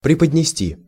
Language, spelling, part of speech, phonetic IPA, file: Russian, преподнести, verb, [prʲɪpədʲnʲɪˈsʲtʲi], Ru-преподнести.ogg
- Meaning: 1. to present, to make a present 2. to communicate